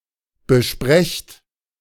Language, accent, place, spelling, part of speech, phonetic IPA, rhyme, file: German, Germany, Berlin, besprecht, verb, [bəˈʃpʁɛçt], -ɛçt, De-besprecht.ogg
- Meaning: inflection of besprechen: 1. second-person plural present 2. plural imperative